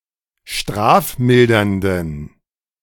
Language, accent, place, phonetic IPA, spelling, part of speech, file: German, Germany, Berlin, [ˈʃtʁaːfˌmɪldɐndn̩], strafmildernden, adjective, De-strafmildernden.ogg
- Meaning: inflection of strafmildernd: 1. strong genitive masculine/neuter singular 2. weak/mixed genitive/dative all-gender singular 3. strong/weak/mixed accusative masculine singular 4. strong dative plural